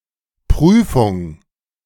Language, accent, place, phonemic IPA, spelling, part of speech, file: German, Germany, Berlin, /ˈpʁyːfʊŋ/, Prüfung, noun, De-Prüfung.ogg
- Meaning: 1. an official test or examination on a subject 2. check, examination, inspection, verification, audit, validation